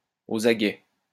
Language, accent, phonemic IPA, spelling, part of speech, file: French, France, /o.z‿a.ɡɛ/, aux aguets, adjective, LL-Q150 (fra)-aux aguets.wav
- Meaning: 1. ready, attentive, alert 2. on the alert